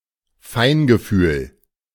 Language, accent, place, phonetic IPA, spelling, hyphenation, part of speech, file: German, Germany, Berlin, [ˈfaɪ̯nɡəˌfyːl], Feingefühl, Fein‧ge‧fühl, noun, De-Feingefühl.ogg
- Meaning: tact